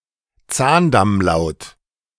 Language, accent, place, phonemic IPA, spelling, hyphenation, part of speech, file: German, Germany, Berlin, /ˈt͡saːndamˌlaʊ̯t/, Zahndammlaut, Zahn‧damm‧laut, noun, De-Zahndammlaut.ogg
- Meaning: alveolar